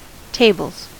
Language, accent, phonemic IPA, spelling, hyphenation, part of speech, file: English, US, /ˈteɪbl̩z/, tables, ta‧bles, noun / verb, En-us-tables.ogg
- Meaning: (noun) 1. plural of table 2. Backgammon 3. The halves or quarters of a backgammon board 4. Any backgammon-like board game, played on a board with two rows of 12 vertical markings called "points"